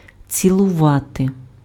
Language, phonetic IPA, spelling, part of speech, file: Ukrainian, [t͡sʲiɫʊˈʋate], цілувати, verb, Uk-цілувати.ogg
- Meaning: to kiss